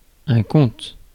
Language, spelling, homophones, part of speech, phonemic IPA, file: French, conte, compte / comptent / comptes / comte / comtes / content / contes, noun / verb, /kɔ̃t/, Fr-conte.ogg
- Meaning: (noun) tale; story; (verb) inflection of conter: 1. first/third-person singular present indicative/subjunctive 2. second-person singular imperative